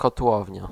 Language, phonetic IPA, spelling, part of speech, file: Polish, [kɔtˈwɔvʲɲa], kotłownia, noun, Pl-kotłownia.ogg